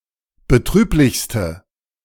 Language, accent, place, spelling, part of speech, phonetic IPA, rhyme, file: German, Germany, Berlin, betrüblichste, adjective, [bəˈtʁyːplɪçstə], -yːplɪçstə, De-betrüblichste.ogg
- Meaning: inflection of betrüblich: 1. strong/mixed nominative/accusative feminine singular superlative degree 2. strong nominative/accusative plural superlative degree